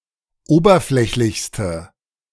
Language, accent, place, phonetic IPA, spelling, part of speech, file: German, Germany, Berlin, [ˈoːbɐˌflɛçlɪçstə], oberflächlichste, adjective, De-oberflächlichste.ogg
- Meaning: inflection of oberflächlich: 1. strong/mixed nominative/accusative feminine singular superlative degree 2. strong nominative/accusative plural superlative degree